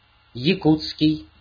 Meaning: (adjective) Yakut; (noun) Yakut (language)
- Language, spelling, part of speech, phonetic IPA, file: Russian, якутский, adjective / noun, [(j)ɪˈkut͡skʲɪj], Ru-якутский.ogg